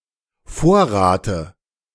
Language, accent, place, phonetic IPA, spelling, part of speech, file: German, Germany, Berlin, [ˈfoːɐ̯ˌʁaːtə], Vorrate, noun, De-Vorrate.ogg
- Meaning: dative of Vorrat